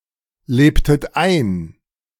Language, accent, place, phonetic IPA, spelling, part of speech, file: German, Germany, Berlin, [ˌleːptət ˈaɪ̯n], lebtet ein, verb, De-lebtet ein.ogg
- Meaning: inflection of einleben: 1. second-person plural preterite 2. second-person plural subjunctive II